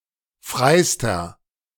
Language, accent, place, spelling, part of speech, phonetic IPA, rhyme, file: German, Germany, Berlin, freister, adjective, [ˈfʁaɪ̯stɐ], -aɪ̯stɐ, De-freister.ogg
- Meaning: inflection of frei: 1. strong/mixed nominative masculine singular superlative degree 2. strong genitive/dative feminine singular superlative degree 3. strong genitive plural superlative degree